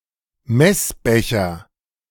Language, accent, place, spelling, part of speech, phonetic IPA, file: German, Germany, Berlin, Messbecher, noun, [ˈmɛsˌbɛçɐ], De-Messbecher.ogg
- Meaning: measuring cup